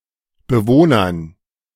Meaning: dative plural of Bewohner
- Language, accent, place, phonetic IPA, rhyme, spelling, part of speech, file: German, Germany, Berlin, [bəˈvoːnɐn], -oːnɐn, Bewohnern, noun, De-Bewohnern.ogg